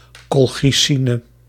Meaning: colchicine
- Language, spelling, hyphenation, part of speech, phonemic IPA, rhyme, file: Dutch, colchicine, col‧chi‧ci‧ne, noun, /ˌkɔl.xiˈsi.nə/, -inə, Nl-colchicine.ogg